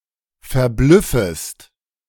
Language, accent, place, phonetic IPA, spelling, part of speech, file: German, Germany, Berlin, [fɛɐ̯ˈblʏfəst], verblüffest, verb, De-verblüffest.ogg
- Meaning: second-person singular subjunctive I of verblüffen